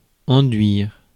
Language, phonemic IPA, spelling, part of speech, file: French, /ɑ̃.dɥiʁ/, enduire, verb, Fr-enduire.ogg
- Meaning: 1. to plaster 2. to coat, cover 3. to smear, anoint (to smear or rub over with oil or an unctuous substance)